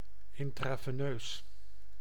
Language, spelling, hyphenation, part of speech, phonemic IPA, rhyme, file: Dutch, intraveneus, in‧tra‧ve‧neus, adjective, /ˌɪn.traː.veːˈnøːs/, -øːs, Nl-intraveneus.ogg
- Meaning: intravenous